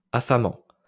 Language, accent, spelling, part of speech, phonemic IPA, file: French, France, affamant, verb, /a.fa.mɑ̃/, LL-Q150 (fra)-affamant.wav
- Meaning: present participle of affamer